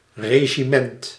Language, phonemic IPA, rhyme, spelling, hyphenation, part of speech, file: Dutch, /ˌreː.ʒiˈmɛnt/, -ɛnt, regiment, re‧gi‧ment, noun, Nl-regiment.ogg
- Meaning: 1. regiment (division of an army) 2. regimen, regime (particular system of enforcing discipline) 3. rulership, governance, rule